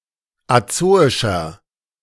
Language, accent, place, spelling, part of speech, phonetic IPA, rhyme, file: German, Germany, Berlin, azoischer, adjective, [aˈt͡soːɪʃɐ], -oːɪʃɐ, De-azoischer.ogg
- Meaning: inflection of azoisch: 1. strong/mixed nominative masculine singular 2. strong genitive/dative feminine singular 3. strong genitive plural